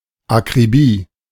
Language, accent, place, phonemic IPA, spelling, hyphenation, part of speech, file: German, Germany, Berlin, /akʁiˈbiː/, Akribie, Ak‧ri‧bie, noun, De-Akribie.ogg
- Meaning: meticulousness